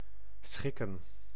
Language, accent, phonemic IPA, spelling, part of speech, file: Dutch, Netherlands, /ˈsxɪkə(n)/, schikken, verb, Nl-schikken.ogg
- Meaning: 1. to arrange, to order 2. to be convenient for (e.g. of an appointment time) 3. to accommodate, to adapt 4. to settle, resolve a legal dispute